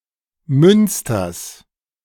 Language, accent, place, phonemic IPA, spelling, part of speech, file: German, Germany, Berlin, /ˈmʏnstɐs/, Münsters, proper noun / noun, De-Münsters.ogg
- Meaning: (proper noun) genitive of Münster; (noun) genitive singular of Münster